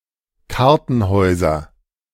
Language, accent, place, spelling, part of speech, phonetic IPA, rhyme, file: German, Germany, Berlin, Kartenhäuser, noun, [ˈkaʁtn̩ˌhɔɪ̯zɐ], -aʁtn̩hɔɪ̯zɐ, De-Kartenhäuser.ogg
- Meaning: nominative/accusative/genitive plural of Kartenhaus